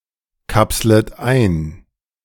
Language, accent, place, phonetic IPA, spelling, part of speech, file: German, Germany, Berlin, [ˌkapslət ˈaɪ̯n], kapslet ein, verb, De-kapslet ein.ogg
- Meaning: second-person plural subjunctive I of einkapseln